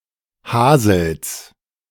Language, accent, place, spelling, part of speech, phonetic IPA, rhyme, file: German, Germany, Berlin, Hasels, noun, [ˈhaːzl̩s], -aːzl̩s, De-Hasels.ogg
- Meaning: genitive singular of Hasel